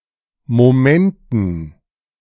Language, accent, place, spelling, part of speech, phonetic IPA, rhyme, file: German, Germany, Berlin, Momenten, noun, [moˈmɛntn̩], -ɛntn̩, De-Momenten.ogg
- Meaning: dative plural of Moment